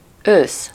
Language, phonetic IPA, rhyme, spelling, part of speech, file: Hungarian, [ˈøːs], -øːs, ősz, noun / adjective, Hu-ősz.ogg
- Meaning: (noun) autumn, fall (season); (adjective) grey